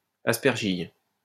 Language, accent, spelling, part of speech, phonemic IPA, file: French, France, aspergille, noun, /as.pɛʁ.ʒij/, LL-Q150 (fra)-aspergille.wav
- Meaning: aspergillus